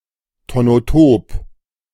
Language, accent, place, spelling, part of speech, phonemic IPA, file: German, Germany, Berlin, tonotop, adjective, /tonoˈtoːp/, De-tonotop.ogg
- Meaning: tonotopic